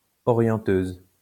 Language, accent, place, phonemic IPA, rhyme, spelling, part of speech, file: French, France, Lyon, /ɔ.ʁjɑ̃.tøz/, -øz, orienteuse, noun, LL-Q150 (fra)-orienteuse.wav
- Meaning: female equivalent of orienteur